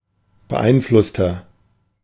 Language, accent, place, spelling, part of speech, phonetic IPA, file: German, Germany, Berlin, beeinflusster, adjective, [bəˈʔaɪ̯nˌflʊstɐ], De-beeinflusster.ogg
- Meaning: inflection of beeinflusst: 1. strong/mixed nominative masculine singular 2. strong genitive/dative feminine singular 3. strong genitive plural